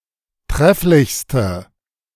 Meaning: inflection of trefflich: 1. strong/mixed nominative/accusative feminine singular superlative degree 2. strong nominative/accusative plural superlative degree
- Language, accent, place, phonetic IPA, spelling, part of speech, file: German, Germany, Berlin, [ˈtʁɛflɪçstə], trefflichste, adjective, De-trefflichste.ogg